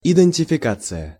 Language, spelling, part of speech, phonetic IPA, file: Russian, идентификация, noun, [ɪdɨnʲtʲɪfʲɪˈkat͡sɨjə], Ru-идентификация.ogg
- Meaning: identification